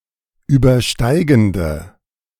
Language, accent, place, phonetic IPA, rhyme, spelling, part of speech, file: German, Germany, Berlin, [ˌyːbɐˈʃtaɪ̯ɡn̩də], -aɪ̯ɡn̩də, übersteigende, adjective, De-übersteigende.ogg
- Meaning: inflection of übersteigend: 1. strong/mixed nominative/accusative feminine singular 2. strong nominative/accusative plural 3. weak nominative all-gender singular